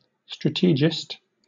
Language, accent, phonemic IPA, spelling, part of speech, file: English, Southern England, /ˈstɹætəd͡ʒɪst/, strategist, noun, LL-Q1860 (eng)-strategist.wav
- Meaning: A person who devises strategies